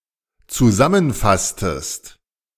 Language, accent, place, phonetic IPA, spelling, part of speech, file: German, Germany, Berlin, [t͡suˈzamənˌfastəst], zusammenfasstest, verb, De-zusammenfasstest.ogg
- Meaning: inflection of zusammenfassen: 1. second-person singular dependent preterite 2. second-person singular dependent subjunctive II